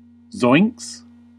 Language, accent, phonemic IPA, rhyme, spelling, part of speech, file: English, US, /zɔɪŋks/, -ɔɪŋks, zoinks, interjection / verb, En-us-zoinks.ogg
- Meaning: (interjection) Expressing surprise, fear, etc; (verb) third-person singular simple present indicative of zoink